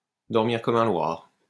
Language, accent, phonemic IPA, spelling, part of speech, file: French, France, /dɔʁ.miʁ kɔ.m‿œ̃ lwaʁ/, dormir comme un loir, verb, LL-Q150 (fra)-dormir comme un loir.wav
- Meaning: sleep like a log